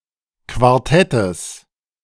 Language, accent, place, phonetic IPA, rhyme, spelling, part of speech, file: German, Germany, Berlin, [kvaʁˈtɛtəs], -ɛtəs, Quartettes, noun, De-Quartettes.ogg
- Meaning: genitive of Quartett